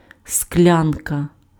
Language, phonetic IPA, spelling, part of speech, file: Ukrainian, [ˈsklʲankɐ], склянка, noun, Uk-склянка.ogg
- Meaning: glass (drinking vessel)